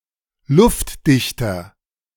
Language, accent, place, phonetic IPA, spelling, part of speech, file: German, Germany, Berlin, [ˈlʊftˌdɪçtɐ], luftdichter, adjective, De-luftdichter.ogg
- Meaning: 1. comparative degree of luftdicht 2. inflection of luftdicht: strong/mixed nominative masculine singular 3. inflection of luftdicht: strong genitive/dative feminine singular